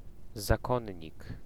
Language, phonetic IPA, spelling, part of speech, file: Polish, [zaˈkɔ̃ɲːik], zakonnik, noun, Pl-zakonnik.ogg